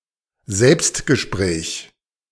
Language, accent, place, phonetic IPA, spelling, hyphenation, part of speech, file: German, Germany, Berlin, [ˈzɛlpstɡəˌʃpʁɛːç], Selbstgespräch, Selbst‧ge‧spräch, noun, De-Selbstgespräch.ogg
- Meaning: soliloquy